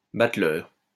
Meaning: 1. tumbler, juggler; acrobat 2. buffoon 3. bateleur eagle
- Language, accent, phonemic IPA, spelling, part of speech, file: French, France, /bat.lœʁ/, bateleur, noun, LL-Q150 (fra)-bateleur.wav